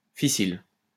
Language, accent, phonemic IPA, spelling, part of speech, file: French, France, /fi.sil/, fissile, adjective, LL-Q150 (fra)-fissile.wav
- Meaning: fissile, fissible